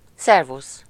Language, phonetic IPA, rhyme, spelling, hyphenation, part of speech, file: Hungarian, [ˈsɛrvus], -us, szervusz, szer‧vusz, interjection, Hu-szervusz.ogg
- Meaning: 1. hello, goodbye 2. cheers (toast)